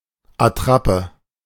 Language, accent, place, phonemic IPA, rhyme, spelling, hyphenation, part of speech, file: German, Germany, Berlin, /aˈtʁapə/, -apə, Attrappe, At‧trap‧pe, noun, De-Attrappe.ogg
- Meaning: dummy, mockup, decoy